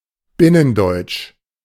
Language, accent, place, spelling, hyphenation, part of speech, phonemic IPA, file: German, Germany, Berlin, Binnendeutsch, Bin‧nen‧deutsch, proper noun, /ˈbɪnənˌdɔɪ̯t͡ʃ/, De-Binnendeutsch.ogg
- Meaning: German, as spoken in Germany